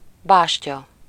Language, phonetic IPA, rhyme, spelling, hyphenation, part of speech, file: Hungarian, [ˈbaːʃcɒ], -cɒ, bástya, bás‧tya, noun, Hu-bástya.ogg
- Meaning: 1. bastion, rampart 2. bulwark, stronghold 3. rook